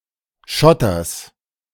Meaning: genitive singular of Schotter
- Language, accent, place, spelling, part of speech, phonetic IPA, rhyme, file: German, Germany, Berlin, Schotters, noun, [ˈʃɔtɐs], -ɔtɐs, De-Schotters.ogg